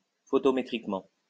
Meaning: photometrically
- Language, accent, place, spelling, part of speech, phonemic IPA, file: French, France, Lyon, photométriquement, adverb, /fɔ.tɔ.me.tʁik.mɑ̃/, LL-Q150 (fra)-photométriquement.wav